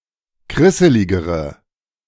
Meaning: inflection of krisselig: 1. strong/mixed nominative/accusative feminine singular comparative degree 2. strong nominative/accusative plural comparative degree
- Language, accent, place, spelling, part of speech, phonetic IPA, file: German, Germany, Berlin, krisseligere, adjective, [ˈkʁɪsəlɪɡəʁə], De-krisseligere.ogg